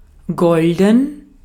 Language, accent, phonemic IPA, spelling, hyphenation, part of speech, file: German, Austria, /ˈɡɔl.dən/, golden, gol‧den, adjective, De-at-golden.ogg
- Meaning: 1. golden; gold (made of gold) 2. golden (gold-colored)